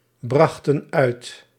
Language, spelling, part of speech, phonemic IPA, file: Dutch, brachten uit, verb, /ˈbrɑxtə(n) ˈœyt/, Nl-brachten uit.ogg
- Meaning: inflection of uitbrengen: 1. plural past indicative 2. plural past subjunctive